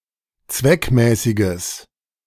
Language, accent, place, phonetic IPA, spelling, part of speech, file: German, Germany, Berlin, [ˈt͡svɛkˌmɛːsɪɡəs], zweckmäßiges, adjective, De-zweckmäßiges.ogg
- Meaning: strong/mixed nominative/accusative neuter singular of zweckmäßig